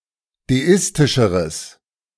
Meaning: strong/mixed nominative/accusative neuter singular comparative degree of deistisch
- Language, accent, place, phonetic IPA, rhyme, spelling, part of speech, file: German, Germany, Berlin, [deˈɪstɪʃəʁəs], -ɪstɪʃəʁəs, deistischeres, adjective, De-deistischeres.ogg